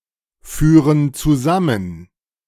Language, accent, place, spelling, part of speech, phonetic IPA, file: German, Germany, Berlin, führen zusammen, verb, [ˌfyːʁən t͡suˈzamən], De-führen zusammen.ogg
- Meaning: inflection of zusammenführen: 1. first/third-person plural present 2. first/third-person plural subjunctive I